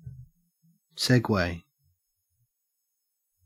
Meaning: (verb) 1. To move smoothly from one state or subject to another 2. To make a smooth transition from one theme to another 3. To play a sequence of records with no talk between them
- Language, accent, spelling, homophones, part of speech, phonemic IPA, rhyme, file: English, Australia, segue, Segway, verb / noun, /ˈsɛɡweɪ/, -ɛɡweɪ, En-au-segue.ogg